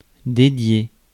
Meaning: to dedicate
- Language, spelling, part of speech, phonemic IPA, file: French, dédier, verb, /de.dje/, Fr-dédier.ogg